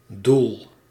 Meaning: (noun) 1. aim, purpose 2. destination 3. goal; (verb) inflection of doelen: 1. first-person singular present indicative 2. second-person singular present indicative 3. imperative
- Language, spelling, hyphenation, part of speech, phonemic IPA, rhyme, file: Dutch, doel, doel, noun / verb, /dul/, -ul, Nl-doel.ogg